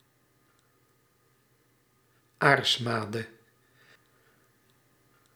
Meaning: The parasitic threadworm or pinworm (Enterobius vermicularis), which lives in human intestines
- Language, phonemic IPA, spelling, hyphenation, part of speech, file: Dutch, /ˈaːrsˌmaː.də/, aarsmade, aars‧ma‧de, noun, Nl-aarsmade.ogg